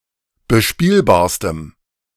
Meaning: strong dative masculine/neuter singular superlative degree of bespielbar
- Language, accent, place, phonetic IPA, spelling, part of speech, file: German, Germany, Berlin, [bəˈʃpiːlbaːɐ̯stəm], bespielbarstem, adjective, De-bespielbarstem.ogg